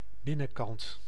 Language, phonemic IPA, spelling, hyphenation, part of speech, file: Dutch, /ˈbɪ.nə(n)ˌkɑnt/, binnenkant, bin‧nen‧kant, noun, Nl-binnenkant.ogg
- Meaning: interior, inside